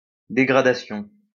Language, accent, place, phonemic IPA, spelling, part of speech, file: French, France, Lyon, /de.ɡʁa.da.sjɔ̃/, dégradation, noun, LL-Q150 (fra)-dégradation.wav
- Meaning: 1. removal from office or a function 2. loss of certain civil or other rights as a punishment 3. loss of rank and dishonourable discharge from the army as a punishment